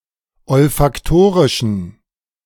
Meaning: inflection of olfaktorisch: 1. strong genitive masculine/neuter singular 2. weak/mixed genitive/dative all-gender singular 3. strong/weak/mixed accusative masculine singular 4. strong dative plural
- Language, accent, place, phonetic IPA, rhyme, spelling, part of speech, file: German, Germany, Berlin, [ɔlfakˈtoːʁɪʃn̩], -oːʁɪʃn̩, olfaktorischen, adjective, De-olfaktorischen.ogg